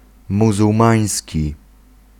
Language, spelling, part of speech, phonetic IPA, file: Polish, muzułmański, adjective, [ˌmuzuwˈmãj̃sʲci], Pl-muzułmański.ogg